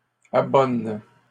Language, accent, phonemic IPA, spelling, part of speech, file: French, Canada, /a.bɔn/, abonnes, verb, LL-Q150 (fra)-abonnes.wav
- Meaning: second-person singular present indicative/subjunctive of abonner